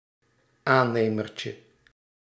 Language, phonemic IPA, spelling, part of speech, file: Dutch, /ˈanemərcə/, aannemertje, noun, Nl-aannemertje.ogg
- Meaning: diminutive of aannemer